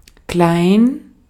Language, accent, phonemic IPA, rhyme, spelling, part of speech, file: German, Austria, /klaɪ̯n/, -aɪ̯n, klein, adjective, De-at-klein.ogg
- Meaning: 1. small, little, wee (in physical size or extent) 2. small, little, young (not grown up) 3. insignificant (of little influence or means; of people)